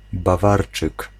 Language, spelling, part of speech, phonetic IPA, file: Polish, Bawarczyk, noun, [baˈvart͡ʃɨk], Pl-Bawarczyk.ogg